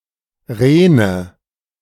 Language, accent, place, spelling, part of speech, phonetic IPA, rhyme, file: German, Germany, Berlin, Rene, noun, [ˈʁeːnə], -eːnə, De-Rene.ogg
- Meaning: nominative/accusative/genitive plural of Ren